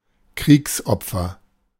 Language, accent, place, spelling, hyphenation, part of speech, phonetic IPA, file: German, Germany, Berlin, Kriegsopfer, Kriegs‧op‧fer, noun, [ˈkʁiːksˌʔɔp͡fɐ], De-Kriegsopfer.ogg
- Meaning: victim of war